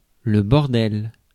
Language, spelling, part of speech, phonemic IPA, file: French, bordel, noun / interjection, /bɔʁ.dɛl/, Fr-bordel.ogg
- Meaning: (noun) 1. brothel 2. bloody mess (UK), goddamn mess (US); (interjection) bloody hell! (UK), Christ almighty!